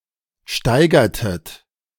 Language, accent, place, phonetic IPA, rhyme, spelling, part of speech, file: German, Germany, Berlin, [ˈʃtaɪ̯ɡɐtət], -aɪ̯ɡɐtət, steigertet, verb, De-steigertet.ogg
- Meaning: inflection of steigern: 1. second-person plural preterite 2. second-person plural subjunctive II